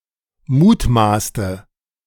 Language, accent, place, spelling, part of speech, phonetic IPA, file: German, Germany, Berlin, mutmaßte, verb, [ˈmuːtˌmaːstə], De-mutmaßte.ogg
- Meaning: inflection of mutmaßen: 1. first/third-person singular preterite 2. first/third-person singular subjunctive II